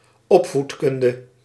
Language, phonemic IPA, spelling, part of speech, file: Dutch, /ˈɔpfutˌkʏndə/, opvoedkunde, noun, Nl-opvoedkunde.ogg
- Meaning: pedagogy